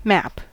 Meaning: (noun) A visual representation of an area, whether real or imaginary, showing the relative positions of places and other features
- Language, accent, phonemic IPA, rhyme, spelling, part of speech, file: English, US, /mæp/, -æp, map, noun / verb, En-us-map.ogg